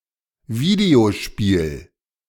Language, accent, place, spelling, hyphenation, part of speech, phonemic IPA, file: German, Germany, Berlin, Videospiel, Vi‧deo‧spiel, noun, /ˈviːdeoˌʃpiːl/, De-Videospiel.ogg
- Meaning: video game